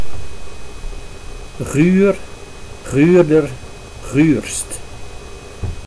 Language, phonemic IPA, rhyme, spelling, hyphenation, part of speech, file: Dutch, /ɣyr/, -yr, guur, guur, adjective, Nl-guur.ogg
- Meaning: chillingly cold, rainy and windy